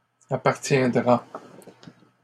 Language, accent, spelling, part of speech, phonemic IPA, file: French, Canada, appartiendra, verb, /a.paʁ.tjɛ̃.dʁa/, LL-Q150 (fra)-appartiendra.wav
- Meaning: third-person singular future of appartenir